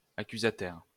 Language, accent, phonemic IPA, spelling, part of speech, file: French, France, /a.ky.za.tɛʁ/, accusataire, adjective, LL-Q150 (fra)-accusataire.wav
- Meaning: accusatory